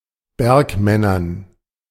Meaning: dative plural of Bergmann
- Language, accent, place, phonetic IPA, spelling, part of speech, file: German, Germany, Berlin, [ˈbɛʁkˌmɛnɐn], Bergmännern, noun, De-Bergmännern.ogg